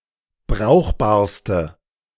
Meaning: inflection of brauchbar: 1. strong/mixed nominative/accusative feminine singular superlative degree 2. strong nominative/accusative plural superlative degree
- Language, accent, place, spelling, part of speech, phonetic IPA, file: German, Germany, Berlin, brauchbarste, adjective, [ˈbʁaʊ̯xbaːɐ̯stə], De-brauchbarste.ogg